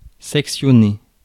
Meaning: 1. to section (cut into sections) 2. to dissect
- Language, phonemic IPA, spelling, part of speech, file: French, /sɛk.sjɔ.ne/, sectionner, verb, Fr-sectionner.ogg